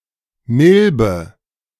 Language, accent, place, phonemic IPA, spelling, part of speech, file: German, Germany, Berlin, /ˈmɪlbə/, Milbe, noun, De-Milbe.ogg
- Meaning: mite (an arachnid)